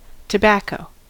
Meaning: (noun) 1. Any plant of the genus Nicotiana 2. Leaves of Nicotiana tabacum and some other species cultivated and harvested to make cigarettes, cigars, snuff, for smoking in pipes or for chewing
- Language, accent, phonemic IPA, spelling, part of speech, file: English, US, /təˈbækoʊ/, tobacco, noun / verb, En-us-tobacco.ogg